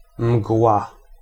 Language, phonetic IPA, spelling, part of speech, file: Polish, [mɡwa], mgła, noun, Pl-mgła.ogg